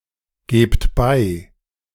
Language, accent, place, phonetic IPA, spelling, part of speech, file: German, Germany, Berlin, [ˌɡeːpt ˈbaɪ̯], gebt bei, verb, De-gebt bei.ogg
- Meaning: inflection of beigeben: 1. second-person plural present 2. plural imperative